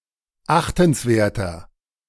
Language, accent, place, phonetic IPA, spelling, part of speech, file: German, Germany, Berlin, [ˈaxtn̩sˌveːɐ̯tɐ], achtenswerter, adjective, De-achtenswerter.ogg
- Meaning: 1. comparative degree of achtenswert 2. inflection of achtenswert: strong/mixed nominative masculine singular 3. inflection of achtenswert: strong genitive/dative feminine singular